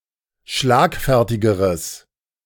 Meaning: strong/mixed nominative/accusative neuter singular comparative degree of schlagfertig
- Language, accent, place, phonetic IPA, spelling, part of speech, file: German, Germany, Berlin, [ˈʃlaːkˌfɛʁtɪɡəʁəs], schlagfertigeres, adjective, De-schlagfertigeres.ogg